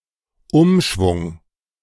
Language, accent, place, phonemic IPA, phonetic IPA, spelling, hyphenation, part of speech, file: German, Germany, Berlin, /ˈʊmʃvʊŋ/, [ˈʔʊmʃvʊŋ], Umschwung, Um‧schwung, noun, De-Umschwung.ogg
- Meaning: reversal, turnaround